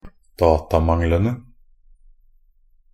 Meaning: definite plural of datamangel
- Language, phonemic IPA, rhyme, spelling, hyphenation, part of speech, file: Norwegian Bokmål, /ˈdɑːtamaŋlənə/, -ənə, datamanglene, da‧ta‧mang‧le‧ne, noun, Nb-datamanglene.ogg